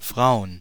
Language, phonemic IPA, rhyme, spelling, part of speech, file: German, /fʁaʊ̯ən/, -aʊ̯ən, Frauen, noun, De-Frauen.ogg
- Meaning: plural of Frau (“women”)